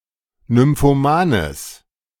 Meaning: strong/mixed nominative/accusative neuter singular of nymphoman
- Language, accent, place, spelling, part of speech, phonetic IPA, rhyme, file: German, Germany, Berlin, nymphomanes, adjective, [nʏmfoˈmaːnəs], -aːnəs, De-nymphomanes.ogg